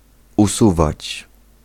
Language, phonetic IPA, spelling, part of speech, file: Polish, [uˈsuvat͡ɕ], usuwać, verb, Pl-usuwać.ogg